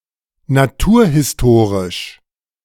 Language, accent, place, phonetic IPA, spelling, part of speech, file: German, Germany, Berlin, [naˈtuːɐ̯hɪsˌtoːʁɪʃ], naturhistorisch, adjective, De-naturhistorisch.ogg
- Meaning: natural history